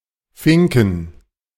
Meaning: 1. slipper 2. plural of Fink
- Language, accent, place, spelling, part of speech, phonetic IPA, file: German, Germany, Berlin, Finken, noun, [ˈfɪŋkŋ̍], De-Finken.ogg